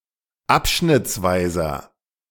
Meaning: inflection of abschnittsweise: 1. strong/mixed nominative masculine singular 2. strong genitive/dative feminine singular 3. strong genitive plural
- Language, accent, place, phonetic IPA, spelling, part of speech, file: German, Germany, Berlin, [ˈapʃnɪt͡sˌvaɪ̯zɐ], abschnittsweiser, adjective, De-abschnittsweiser.ogg